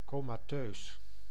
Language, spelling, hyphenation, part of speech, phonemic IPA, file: Dutch, comateus, co‧ma‧teus, adjective, /ˈkoː.maːˌtøːs/, Nl-comateus.ogg
- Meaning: comatose